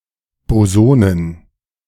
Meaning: plural of Boson
- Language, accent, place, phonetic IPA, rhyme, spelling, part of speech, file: German, Germany, Berlin, [boˈzoːnən], -oːnən, Bosonen, noun, De-Bosonen.ogg